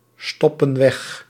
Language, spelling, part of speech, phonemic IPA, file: Dutch, stoppen weg, verb, /ˈstɔpə(n) ˈwɛx/, Nl-stoppen weg.ogg
- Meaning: inflection of wegstoppen: 1. plural present indicative 2. plural present subjunctive